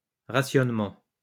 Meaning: rationing (controlled distribution of scarce resources such as food or fuel)
- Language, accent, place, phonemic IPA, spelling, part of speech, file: French, France, Lyon, /ʁa.sjɔn.mɑ̃/, rationnement, noun, LL-Q150 (fra)-rationnement.wav